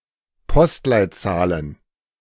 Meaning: plural of Postleitzahl
- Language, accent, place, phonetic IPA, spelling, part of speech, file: German, Germany, Berlin, [ˈpɔstlaɪ̯tˌt͡saːlən], Postleitzahlen, noun, De-Postleitzahlen.ogg